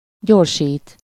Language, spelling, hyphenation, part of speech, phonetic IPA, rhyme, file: Hungarian, gyorsít, gyor‧sít, verb, [ˈɟorʃiːt], -iːt, Hu-gyorsít.ogg
- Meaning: 1. to accelerate (to cause to move faster) 2. to go, drive faster